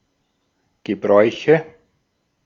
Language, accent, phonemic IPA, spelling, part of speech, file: German, Austria, /ɡəˈbʁɔɪ̯çə/, Gebräuche, noun, De-at-Gebräuche.ogg
- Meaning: nominative/accusative/genitive plural of Gebrauch